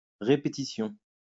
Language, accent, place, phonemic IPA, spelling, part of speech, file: French, France, Lyon, /ʁe.pe.ti.sjɔ̃/, répétition, noun, LL-Q150 (fra)-répétition.wav
- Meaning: 1. repetition 2. rehearsal